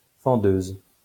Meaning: female equivalent of fendeur
- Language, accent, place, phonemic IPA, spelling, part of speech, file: French, France, Lyon, /fɑ̃.døz/, fendeuse, noun, LL-Q150 (fra)-fendeuse.wav